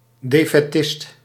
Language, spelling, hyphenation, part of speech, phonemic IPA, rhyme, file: Dutch, defaitist, de‧fai‧tist, noun, /ˌdeː.fɛˈtɪst/, -ɪst, Nl-defaitist.ogg
- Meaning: defeatist